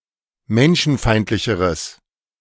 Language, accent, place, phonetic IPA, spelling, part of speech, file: German, Germany, Berlin, [ˈmɛnʃn̩ˌfaɪ̯ntlɪçəʁəs], menschenfeindlicheres, adjective, De-menschenfeindlicheres.ogg
- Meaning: strong/mixed nominative/accusative neuter singular comparative degree of menschenfeindlich